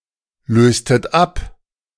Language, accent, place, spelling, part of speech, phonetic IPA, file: German, Germany, Berlin, löstet ab, verb, [ˌløːstət ˈap], De-löstet ab.ogg
- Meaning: inflection of ablösen: 1. second-person plural preterite 2. second-person plural subjunctive II